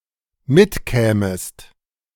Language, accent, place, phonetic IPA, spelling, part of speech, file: German, Germany, Berlin, [ˈmɪtˌkɛːməst], mitkämest, verb, De-mitkämest.ogg
- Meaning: second-person singular dependent subjunctive II of mitkommen